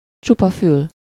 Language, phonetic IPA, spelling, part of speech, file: Hungarian, [ˈt͡ʃupɒ ˌfyl], csupa fül, adjective, Hu-csupa fül.ogg
- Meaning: all ears, be all ears